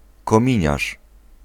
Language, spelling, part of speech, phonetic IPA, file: Polish, kominiarz, noun, [kɔ̃ˈmʲĩɲaʃ], Pl-kominiarz.ogg